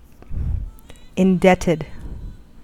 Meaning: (verb) simple past and past participle of indebt; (adjective) 1. Obligated, especially financially 2. Owing gratitude for a service or favour
- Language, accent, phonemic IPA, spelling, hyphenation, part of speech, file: English, US, /ɪnˈdɛtɪd/, indebted, in‧debt‧ed, verb / adjective, En-us-indebted.ogg